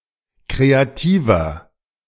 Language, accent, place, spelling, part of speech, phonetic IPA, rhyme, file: German, Germany, Berlin, kreativer, adjective, [ˌkʁeaˈtiːvɐ], -iːvɐ, De-kreativer.ogg
- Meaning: 1. comparative degree of kreativ 2. inflection of kreativ: strong/mixed nominative masculine singular 3. inflection of kreativ: strong genitive/dative feminine singular